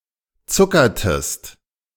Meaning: inflection of zuckern: 1. second-person singular preterite 2. second-person singular subjunctive II
- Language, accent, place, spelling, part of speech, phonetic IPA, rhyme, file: German, Germany, Berlin, zuckertest, verb, [ˈt͡sʊkɐtəst], -ʊkɐtəst, De-zuckertest.ogg